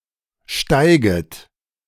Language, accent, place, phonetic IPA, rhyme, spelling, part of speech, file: German, Germany, Berlin, [ˈʃtaɪ̯ɡət], -aɪ̯ɡət, steiget, verb, De-steiget.ogg
- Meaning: second-person plural subjunctive I of steigen